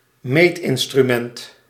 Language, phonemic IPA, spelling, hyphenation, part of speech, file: Dutch, /ˈmeːt.ɪn.stryˌmɛnt/, meetinstrument, meet‧in‧stru‧ment, noun, Nl-meetinstrument.ogg
- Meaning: a measuring instrument (device to record/measure numerically)